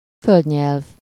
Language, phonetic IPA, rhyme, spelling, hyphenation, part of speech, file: Hungarian, [ˈføldɲɛlv], -ɛlv, földnyelv, föld‧nyelv, noun, Hu-földnyelv.ogg
- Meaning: 1. isthmus (narrow strip of land connecting two larger landmasses) 2. headland (long, narrow peninsula)